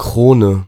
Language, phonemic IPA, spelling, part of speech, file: German, /ˈkʁoːnə/, Krone, noun, De-Krone.ogg
- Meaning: 1. crown 2. crown (the name of various currencies) 3. head (of beer or other carbonated beverages)